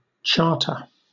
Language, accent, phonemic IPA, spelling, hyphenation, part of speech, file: English, Southern England, /ˈt͡ʃɑːtə/, charter, char‧ter, noun / adjective / verb, LL-Q1860 (eng)-charter.wav
- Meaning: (noun) A document issued by some authority, creating a public or private institution, and defining its purposes and privileges